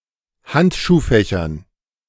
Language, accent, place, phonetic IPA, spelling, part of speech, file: German, Germany, Berlin, [ˈhantʃuːˌfɛçɐn], Handschuhfächern, noun, De-Handschuhfächern.ogg
- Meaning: dative plural of Handschuhfach